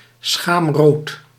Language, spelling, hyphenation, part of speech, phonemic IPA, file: Dutch, schaamrood, schaam‧rood, noun, /ˈsxaːm.roːt/, Nl-schaamrood.ogg
- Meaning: a blush caused by shame or embarrassment